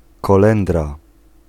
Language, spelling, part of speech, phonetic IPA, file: Polish, kolendra, noun, [kɔˈlɛ̃ndra], Pl-kolendra.ogg